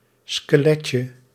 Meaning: diminutive of skelet
- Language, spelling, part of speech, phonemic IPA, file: Dutch, skeletje, noun, /skəˈlɛcə/, Nl-skeletje.ogg